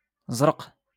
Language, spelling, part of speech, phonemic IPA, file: Moroccan Arabic, زرق, adjective, /zraq/, LL-Q56426 (ary)-زرق.wav
- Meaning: blue